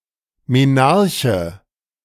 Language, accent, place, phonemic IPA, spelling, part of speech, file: German, Germany, Berlin, /meˈnaʁçə/, Menarche, noun, De-Menarche.ogg
- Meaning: menarche (onset of menstruation)